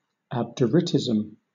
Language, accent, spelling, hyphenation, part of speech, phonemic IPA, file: English, Southern England, abderitism, ab‧de‧rit‧ism, noun, /ˈæbdəˌɹɪtɪzm̩/, LL-Q1860 (eng)-abderitism.wav
- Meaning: The theory that humanity's morality will never advance beyond its present state